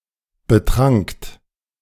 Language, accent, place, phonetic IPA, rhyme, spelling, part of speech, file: German, Germany, Berlin, [bəˈtʁaŋkt], -aŋkt, betrankt, verb, De-betrankt.ogg
- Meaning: second-person plural preterite of betrinken